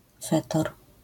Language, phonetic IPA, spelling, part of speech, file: Polish, [ˈfɛtɔr], fetor, noun, LL-Q809 (pol)-fetor.wav